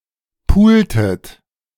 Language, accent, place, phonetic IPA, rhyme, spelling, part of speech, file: German, Germany, Berlin, [ˈpuːltət], -uːltət, pultet, verb, De-pultet.ogg
- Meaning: inflection of pulen: 1. second-person plural preterite 2. second-person plural subjunctive II